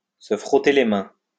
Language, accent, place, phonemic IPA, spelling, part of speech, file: French, France, Lyon, /sə fʁɔ.te le mɛ̃/, se frotter les mains, verb, LL-Q150 (fra)-se frotter les mains.wav
- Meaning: to rub one's hands together (to anticipate something eagerly)